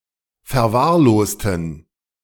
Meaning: inflection of verwahrlost: 1. strong genitive masculine/neuter singular 2. weak/mixed genitive/dative all-gender singular 3. strong/weak/mixed accusative masculine singular 4. strong dative plural
- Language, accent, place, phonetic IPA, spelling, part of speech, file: German, Germany, Berlin, [fɛɐ̯ˈvaːɐ̯ˌloːstn̩], verwahrlosten, adjective / verb, De-verwahrlosten.ogg